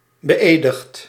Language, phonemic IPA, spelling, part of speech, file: Dutch, /bəˈʔedəxt/, beëdigd, adjective / verb, Nl-beëdigd.ogg
- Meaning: past participle of beëdigen